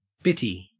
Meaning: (noun) bitch, girl, woman, especially one that is promiscuous; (adjective) Alternative form of bitty (“very small”)
- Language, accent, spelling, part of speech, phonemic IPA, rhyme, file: English, Australia, bittie, noun / adjective, /ˈbɪti/, -ɪti, En-au-bittie.ogg